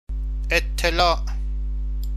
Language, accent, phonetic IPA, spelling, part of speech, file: Persian, Iran, [ʔet̪ʰ.t̪ʰe.lɒ́ːʔ], اطلاع, noun, Fa-اطلاع.ogg
- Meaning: 1. notice 2. notification, information, knowledge, news 3. advice